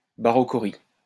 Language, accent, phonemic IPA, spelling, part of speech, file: French, France, /ba.ʁɔ.kɔ.ʁi/, barochorie, noun, LL-Q150 (fra)-barochorie.wav
- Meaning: barochory